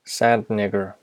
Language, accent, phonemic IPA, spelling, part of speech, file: English, US, /ˈsænd ˌnɪɡəɹ/, sand nigger, noun, En-us-sand nigger.ogg
- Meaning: 1. A person of Middle Eastern or North African descent 2. A person of Middle Eastern or North African descent.: A Muslim